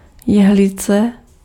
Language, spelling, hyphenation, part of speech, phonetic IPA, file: Czech, jehlice, jeh‧li‧ce, noun, [ˈjɛɦlɪt͡sɛ], Cs-jehlice.ogg
- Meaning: 1. needle (leaf of conifer) 2. knitting needle